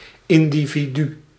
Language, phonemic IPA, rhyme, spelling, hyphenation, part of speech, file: Dutch, /ˌɪndiviˈdy/, -y, individu, in‧di‧vi‧du, noun, Nl-individu.ogg
- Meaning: individual (person considered alone)